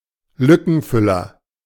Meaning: stopgap
- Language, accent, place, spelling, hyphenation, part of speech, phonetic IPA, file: German, Germany, Berlin, Lückenfüller, Lü‧cken‧fül‧ler, noun, [ˈlʏkn̩ˌfʏlɐ], De-Lückenfüller.ogg